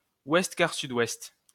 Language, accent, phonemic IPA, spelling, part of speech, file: French, France, /wɛst.kaʁ.sy.dwɛst/, ouest-quart-sud-ouest, noun, LL-Q150 (fra)-ouest-quart-sud-ouest.wav
- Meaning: north-northwest (compass point)